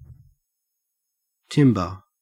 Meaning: 1. The quality of a sound independent of its pitch and volume 2. The pitch of a sound as heard by the ear, described relative to its absolute pitch 3. The crest on a (helmet atop a) coat of arms
- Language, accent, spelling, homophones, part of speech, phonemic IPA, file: English, Australia, timbre, timber stripped-by-parse_pron_post_template_fn, noun, /ˈtɪm.bə/, En-au-timbre.ogg